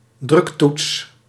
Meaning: push button (a button switch activated by pushing or pressing)
- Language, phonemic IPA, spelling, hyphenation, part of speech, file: Dutch, /ˈdrʏk.tuts/, druktoets, druk‧toets, noun, Nl-druktoets.ogg